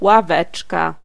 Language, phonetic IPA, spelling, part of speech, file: Polish, [waˈvɛt͡ʃka], ławeczka, noun, Pl-ławeczka.ogg